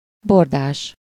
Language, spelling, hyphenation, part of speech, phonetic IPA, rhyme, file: Hungarian, bordás, bor‧dás, adjective, [ˈbordaːʃ], -aːʃ, Hu-bordás.ogg
- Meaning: ribbed